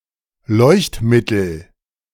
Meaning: illuminant; lamp
- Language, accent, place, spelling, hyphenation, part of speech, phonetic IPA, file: German, Germany, Berlin, Leuchtmittel, Leucht‧mit‧tel, noun, [ˈlɔɪ̯çtˌmɪtl̩], De-Leuchtmittel.ogg